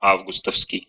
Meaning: August
- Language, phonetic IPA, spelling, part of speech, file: Russian, [ˈavɡʊstəfskʲɪj], августовский, adjective, Ru-а́вгустовский.ogg